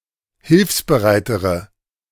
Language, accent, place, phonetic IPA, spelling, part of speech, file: German, Germany, Berlin, [ˈhɪlfsbəˌʁaɪ̯təʁə], hilfsbereitere, adjective, De-hilfsbereitere.ogg
- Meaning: inflection of hilfsbereit: 1. strong/mixed nominative/accusative feminine singular comparative degree 2. strong nominative/accusative plural comparative degree